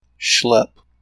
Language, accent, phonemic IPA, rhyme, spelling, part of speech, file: English, US, /ʃlɛp/, -ɛp, schlep, verb / noun, En-us-schlep.ogg
- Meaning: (verb) 1. To carry, drag, or lug 2. To go, as on an errand; to carry out a task 3. To act in a slovenly, lazy, or sloppy manner; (noun) A long or burdensome journey